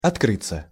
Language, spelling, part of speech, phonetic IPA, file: Russian, открыться, verb, [ɐtˈkrɨt͡sːə], Ru-открыться.ogg
- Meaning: 1. to open 2. to come to light 3. to confide, to open up, to declare oneself 4. passive of откры́ть (otkrýtʹ)